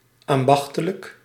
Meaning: artisanal; produced or producing according to the rules of traditional craft
- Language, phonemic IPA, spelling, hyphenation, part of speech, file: Dutch, /ˌɑmˈbɑx.tə.lək/, ambachtelijk, am‧bach‧te‧lijk, adjective, Nl-ambachtelijk.ogg